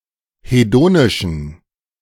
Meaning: inflection of hedonisch: 1. strong genitive masculine/neuter singular 2. weak/mixed genitive/dative all-gender singular 3. strong/weak/mixed accusative masculine singular 4. strong dative plural
- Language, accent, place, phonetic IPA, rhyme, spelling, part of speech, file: German, Germany, Berlin, [heˈdoːnɪʃn̩], -oːnɪʃn̩, hedonischen, adjective, De-hedonischen.ogg